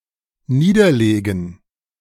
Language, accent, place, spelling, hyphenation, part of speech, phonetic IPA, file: German, Germany, Berlin, niederlegen, nie‧der‧le‧gen, verb, [ˈniːdɐˌleːɡn̩], De-niederlegen.ogg
- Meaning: 1. to lay down 2. to lie down 3. to write down 4. to resign